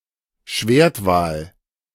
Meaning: killer whale (Orcinus orca)
- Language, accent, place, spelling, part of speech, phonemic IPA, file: German, Germany, Berlin, Schwertwal, noun, /ˈʃveːɐ̯tˌvaːl/, De-Schwertwal.ogg